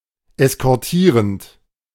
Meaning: present participle of eskortieren
- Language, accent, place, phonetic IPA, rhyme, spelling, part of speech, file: German, Germany, Berlin, [ɛskɔʁˈtiːʁənt], -iːʁənt, eskortierend, verb, De-eskortierend.ogg